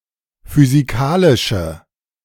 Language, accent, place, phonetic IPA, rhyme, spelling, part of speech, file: German, Germany, Berlin, [fyziˈkaːlɪʃə], -aːlɪʃə, physikalische, adjective, De-physikalische.ogg
- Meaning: inflection of physikalisch: 1. strong/mixed nominative/accusative feminine singular 2. strong nominative/accusative plural 3. weak nominative all-gender singular